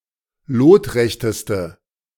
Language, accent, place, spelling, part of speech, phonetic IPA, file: German, Germany, Berlin, lotrechteste, adjective, [ˈloːtˌʁɛçtəstə], De-lotrechteste.ogg
- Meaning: inflection of lotrecht: 1. strong/mixed nominative/accusative feminine singular superlative degree 2. strong nominative/accusative plural superlative degree